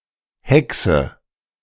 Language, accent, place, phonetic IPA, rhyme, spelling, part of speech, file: German, Germany, Berlin, [ˈhɛksə], -ɛksə, hexe, verb, De-hexe.ogg
- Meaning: inflection of hexen: 1. first-person singular present 2. first/third-person singular subjunctive I 3. singular imperative